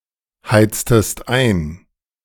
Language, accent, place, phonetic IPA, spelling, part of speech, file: German, Germany, Berlin, [ˌhaɪ̯t͡stəst ˈaɪ̯n], heiztest ein, verb, De-heiztest ein.ogg
- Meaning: inflection of einheizen: 1. second-person singular preterite 2. second-person singular subjunctive II